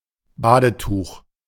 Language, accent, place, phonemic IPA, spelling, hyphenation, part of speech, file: German, Germany, Berlin, /ˈbaːdəˌtuːχ/, Badetuch, Ba‧de‧tuch, noun, De-Badetuch.ogg
- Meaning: bath towel